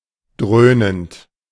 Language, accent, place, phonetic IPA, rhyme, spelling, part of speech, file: German, Germany, Berlin, [ˈdʁøːnənt], -øːnənt, dröhnend, verb, De-dröhnend.ogg
- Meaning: present participle of dröhnen